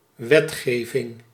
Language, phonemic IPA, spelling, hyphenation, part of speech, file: Dutch, /ˈʋɛtˌxeː.vɪŋ/, wetgeving, wet‧ge‧ving, noun, Nl-wetgeving.ogg
- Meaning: legislation